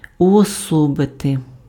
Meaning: to personify
- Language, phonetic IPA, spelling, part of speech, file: Ukrainian, [ʊɔˈsɔbete], уособити, verb, Uk-уособити.ogg